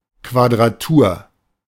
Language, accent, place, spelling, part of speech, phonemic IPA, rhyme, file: German, Germany, Berlin, Quadratur, noun, /kvadʁaˈtuːɐ̯/, -uːɐ̯, De-Quadratur.ogg
- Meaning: quadrature